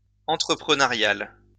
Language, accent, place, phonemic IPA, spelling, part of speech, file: French, France, Lyon, /ɑ̃.tʁə.pʁə.nœ.ʁjal/, entrepreneurial, adjective, LL-Q150 (fra)-entrepreneurial.wav
- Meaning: entrepreneurial